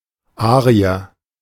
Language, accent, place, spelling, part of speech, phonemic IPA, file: German, Germany, Berlin, Arier, noun, /ˈaː.ʁi.ɐ/, De-Arier.ogg
- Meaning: 1. Indo-Iranian, Aryan (member of an eastern Indo-European subgroup) 2. Aryan (member of any Indo-European people or even the entire “Caucasian” race)